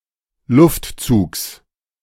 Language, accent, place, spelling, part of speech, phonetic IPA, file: German, Germany, Berlin, Luftzugs, noun, [ˈlʊftˌt͡suːks], De-Luftzugs.ogg
- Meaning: genitive singular of Luftzug